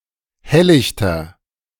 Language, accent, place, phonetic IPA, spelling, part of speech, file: German, Germany, Berlin, [ˈhɛllɪçtɐ], helllichter, adjective, De-helllichter.ogg
- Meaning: inflection of helllicht: 1. strong/mixed nominative masculine singular 2. strong genitive/dative feminine singular 3. strong genitive plural